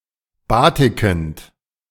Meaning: present participle of batiken
- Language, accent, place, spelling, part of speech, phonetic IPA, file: German, Germany, Berlin, batikend, verb, [ˈbaːtɪkn̩t], De-batikend.ogg